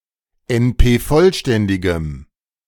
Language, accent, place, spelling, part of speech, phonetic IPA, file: German, Germany, Berlin, NP-vollständigem, adjective, [ɛnˈpeːˌfɔlʃtɛndɪɡəm], De-NP-vollständigem.ogg
- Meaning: strong dative masculine/neuter singular of NP-vollständig